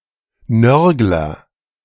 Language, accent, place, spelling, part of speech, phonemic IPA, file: German, Germany, Berlin, Nörgler, noun, /ˈnœʁɡlɐ/, De-Nörgler.ogg
- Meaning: agent noun of nörgeln nagger